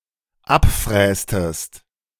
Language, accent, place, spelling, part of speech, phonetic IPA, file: German, Germany, Berlin, abfrästest, verb, [ˈapˌfʁɛːstəst], De-abfrästest.ogg
- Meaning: inflection of abfräsen: 1. second-person singular dependent preterite 2. second-person singular dependent subjunctive II